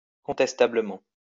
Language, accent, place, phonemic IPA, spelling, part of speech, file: French, France, Lyon, /kɔ̃.tɛs.ta.blə.mɑ̃/, contestablement, adverb, LL-Q150 (fra)-contestablement.wav
- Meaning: disputably, arguably